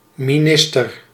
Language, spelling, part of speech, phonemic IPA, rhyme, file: Dutch, minister, noun, /miˈnɪs.tər/, -ɪstər, Nl-minister.ogg
- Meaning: 1. minister (a politician who heads a ministry) 2. a servant of a monastery, or assistant of a priest